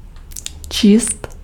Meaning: to read
- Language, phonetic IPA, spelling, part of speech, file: Czech, [ˈt͡ʃiːst], číst, verb, Cs-číst.ogg